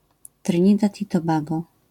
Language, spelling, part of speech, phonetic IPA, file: Polish, Trynidad i Tobago, proper noun, [trɨ̃ˈɲidat ˌi‿tɔˈbaɡɔ], LL-Q809 (pol)-Trynidad i Tobago.wav